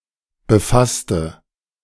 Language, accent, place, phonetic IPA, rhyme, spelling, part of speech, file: German, Germany, Berlin, [bəˈfastə], -astə, befasste, adjective / verb, De-befasste.ogg
- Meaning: inflection of befassen: 1. first/third-person singular preterite 2. first/third-person singular subjunctive II